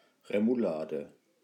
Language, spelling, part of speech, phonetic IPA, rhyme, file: German, Remoulade, noun, [ʁemuˈlaːdə], -aːdə, De-Remoulade.ogg
- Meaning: remoulade